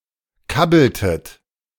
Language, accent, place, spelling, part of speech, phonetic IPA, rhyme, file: German, Germany, Berlin, kabbeltet, verb, [ˈkabl̩tət], -abl̩tət, De-kabbeltet.ogg
- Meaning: inflection of kabbeln: 1. second-person plural preterite 2. second-person plural subjunctive II